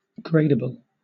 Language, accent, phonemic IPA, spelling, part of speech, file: English, Southern England, /ˈɡɹeɪdəbəl/, gradable, adjective / noun, LL-Q1860 (eng)-gradable.wav
- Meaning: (adjective) 1. Able to form degrees or grades 2. Able to occur in varying degrees; able to be inflected or modified to express degrees of meaning